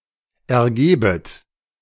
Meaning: second-person plural subjunctive I of ergeben
- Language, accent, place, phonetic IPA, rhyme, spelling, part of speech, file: German, Germany, Berlin, [ɛɐ̯ˈɡeːbət], -eːbət, ergebet, verb, De-ergebet.ogg